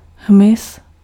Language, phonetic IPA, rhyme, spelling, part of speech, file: Czech, [ˈɦmɪs], -ɪs, hmyz, noun, Cs-hmyz.ogg
- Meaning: insect